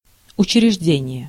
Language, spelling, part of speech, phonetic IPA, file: Russian, учреждение, noun, [ʊt͡ɕ(ɪ)rʲɪʐˈdʲenʲɪje], Ru-учреждение.ogg
- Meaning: 1. establishment, founding, setting up (the state of being established) 2. institution, establishment, office